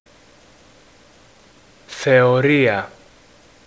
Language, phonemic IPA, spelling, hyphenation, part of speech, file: Greek, /θeoˈria/, θεωρία, θε‧ω‧ρί‧α, noun, El-θεωρία.ogg
- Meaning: 1. theory 2. contemplation